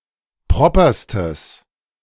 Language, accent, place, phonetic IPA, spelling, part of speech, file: German, Germany, Berlin, [ˈpʁɔpɐstəs], properstes, adjective, De-properstes.ogg
- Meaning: strong/mixed nominative/accusative neuter singular superlative degree of proper